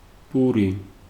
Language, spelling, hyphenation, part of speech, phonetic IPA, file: Georgian, პური, პუ‧რი, noun, [pʼuɾi], Ka-პური.ogg
- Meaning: 1. bread 2. wheat